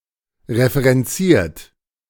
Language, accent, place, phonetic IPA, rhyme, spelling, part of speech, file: German, Germany, Berlin, [ʁefəʁɛnˈt͡siːɐ̯t], -iːɐ̯t, referenziert, verb, De-referenziert.ogg
- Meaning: 1. past participle of referenzieren 2. inflection of referenzieren: third-person singular present 3. inflection of referenzieren: second-person plural present